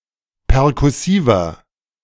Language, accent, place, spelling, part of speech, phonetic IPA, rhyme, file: German, Germany, Berlin, perkussiver, adjective, [pɛʁkʊˈsiːvɐ], -iːvɐ, De-perkussiver.ogg
- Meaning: 1. comparative degree of perkussiv 2. inflection of perkussiv: strong/mixed nominative masculine singular 3. inflection of perkussiv: strong genitive/dative feminine singular